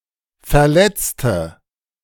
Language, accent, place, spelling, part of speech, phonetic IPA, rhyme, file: German, Germany, Berlin, verletzte, adjective / verb, [fɛɐ̯ˈlɛt͡stə], -ɛt͡stə, De-verletzte.ogg
- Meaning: inflection of verletzen: 1. first/third-person singular preterite 2. first/third-person singular subjunctive II